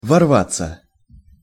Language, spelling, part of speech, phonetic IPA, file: Russian, ворваться, verb, [vɐrˈvat͡sːə], Ru-ворваться.ogg
- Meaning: to rush into, to burst, to enter by force, violently or hurriedly, to intrude